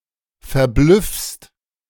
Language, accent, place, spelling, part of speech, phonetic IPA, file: German, Germany, Berlin, verblüffst, verb, [fɛɐ̯ˈblʏfst], De-verblüffst.ogg
- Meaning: second-person singular present of verblüffen